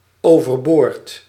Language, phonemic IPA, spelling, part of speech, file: Dutch, /ˌovərˈbort/, overboord, adverb, Nl-overboord.ogg
- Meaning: overboard